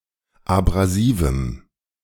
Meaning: strong dative masculine/neuter singular of abrasiv
- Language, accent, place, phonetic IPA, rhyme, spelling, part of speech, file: German, Germany, Berlin, [abʁaˈziːvm̩], -iːvm̩, abrasivem, adjective, De-abrasivem.ogg